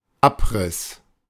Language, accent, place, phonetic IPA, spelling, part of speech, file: German, Germany, Berlin, [ˈapʁɪs], Abriss, noun, De-Abriss.ogg
- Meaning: 1. demolition 2. summary, outline 3. stub